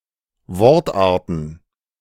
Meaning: plural of Wortart
- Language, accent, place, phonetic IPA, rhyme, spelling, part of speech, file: German, Germany, Berlin, [ˈvɔʁtˌʔaːɐ̯tn̩], -ɔʁtʔaːɐ̯tn̩, Wortarten, noun, De-Wortarten.ogg